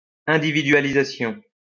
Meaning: individualization
- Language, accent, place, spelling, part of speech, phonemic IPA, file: French, France, Lyon, individualisation, noun, /ɛ̃.di.vi.dɥa.li.za.sjɔ̃/, LL-Q150 (fra)-individualisation.wav